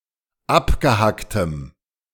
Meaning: strong dative masculine/neuter singular of abgehackt
- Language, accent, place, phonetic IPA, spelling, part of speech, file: German, Germany, Berlin, [ˈapɡəˌhaktəm], abgehacktem, adjective, De-abgehacktem.ogg